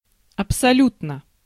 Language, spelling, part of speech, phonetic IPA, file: Russian, абсолютно, adverb / adjective, [ɐpsɐˈlʲutnə], Ru-абсолютно.ogg
- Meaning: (adverb) absolutely; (adjective) short neuter singular of абсолю́тный (absoljútnyj)